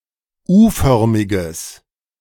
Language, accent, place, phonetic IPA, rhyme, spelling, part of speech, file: German, Germany, Berlin, [ˈuːˌfœʁmɪɡəs], -uːfœʁmɪɡəs, U-förmiges, adjective, De-U-förmiges.ogg
- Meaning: strong/mixed nominative/accusative neuter singular of U-förmig